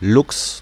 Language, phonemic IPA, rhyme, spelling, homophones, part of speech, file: German, /lʊks/, -ʊks, Lux, Luchs, noun, De-Lux.ogg
- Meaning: lux